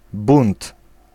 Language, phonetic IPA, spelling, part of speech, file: Polish, [bũnt], bunt, noun, Pl-bunt.ogg